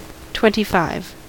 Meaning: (numeral) The cardinal number immediately following twenty-four and preceding twenty-six
- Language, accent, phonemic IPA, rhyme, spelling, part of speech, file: English, US, /ˌtwɛntiˈfaɪv/, -aɪv, twenty-five, numeral / noun, En-us-twenty-five.ogg